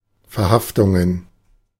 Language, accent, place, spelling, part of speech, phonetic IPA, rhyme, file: German, Germany, Berlin, Verhaftungen, noun, [fɛɐ̯ˈhaftʊŋən], -aftʊŋən, De-Verhaftungen.ogg
- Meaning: plural of Verhaftung